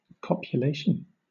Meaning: The act of coupling or joining; union; conjunction
- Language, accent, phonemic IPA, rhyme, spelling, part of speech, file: English, Southern England, /kɒp.jəˈleɪ.ʃən/, -eɪʃən, copulation, noun, LL-Q1860 (eng)-copulation.wav